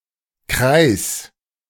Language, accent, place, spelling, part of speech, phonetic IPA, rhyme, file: German, Germany, Berlin, kreiß, verb, [kʁaɪ̯s], -aɪ̯s, De-kreiß.ogg
- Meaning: 1. singular imperative of kreißen 2. first-person singular present of kreißen